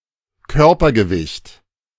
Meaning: bodyweight
- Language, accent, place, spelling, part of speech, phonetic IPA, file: German, Germany, Berlin, Körpergewicht, noun, [ˈkœʁpɐɡəˌvɪçt], De-Körpergewicht.ogg